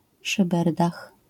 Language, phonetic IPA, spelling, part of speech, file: Polish, [ʃɨˈbɛrdax], szyberdach, noun, LL-Q809 (pol)-szyberdach.wav